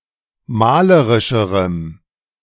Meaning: strong dative masculine/neuter singular comparative degree of malerisch
- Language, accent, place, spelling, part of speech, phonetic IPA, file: German, Germany, Berlin, malerischerem, adjective, [ˈmaːləʁɪʃəʁəm], De-malerischerem.ogg